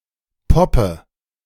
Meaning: inflection of poppen: 1. first-person singular present 2. first/third-person singular subjunctive I 3. singular imperative
- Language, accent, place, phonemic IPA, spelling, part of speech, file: German, Germany, Berlin, /ˈpɔpə/, poppe, verb, De-poppe.ogg